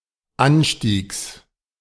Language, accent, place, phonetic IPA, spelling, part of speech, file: German, Germany, Berlin, [ˈanˌʃtiːks], Anstiegs, noun, De-Anstiegs.ogg
- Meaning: genitive singular of Anstieg